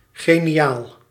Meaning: brilliant, genius, genial
- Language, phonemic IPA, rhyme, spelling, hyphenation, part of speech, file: Dutch, /ɣeː.niˈjaːl/, -aːl, geniaal, ge‧ni‧aal, adjective, Nl-geniaal.ogg